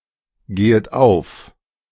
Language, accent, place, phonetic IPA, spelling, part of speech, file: German, Germany, Berlin, [ˌɡeːət ˈaʊ̯f], gehet auf, verb, De-gehet auf.ogg
- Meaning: second-person plural subjunctive I of aufgehen